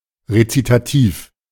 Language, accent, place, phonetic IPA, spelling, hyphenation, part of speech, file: German, Germany, Berlin, [ʁetsitaˈtiːf], Rezitativ, Re‧zi‧ta‧tiv, noun, De-Rezitativ.ogg
- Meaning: recitative